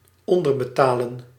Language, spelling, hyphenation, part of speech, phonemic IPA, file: Dutch, onderbetalen, on‧der‧be‧ta‧len, verb, /ˌɔn.dər.bəˈtaː.lə(n)/, Nl-onderbetalen.ogg
- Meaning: to underpay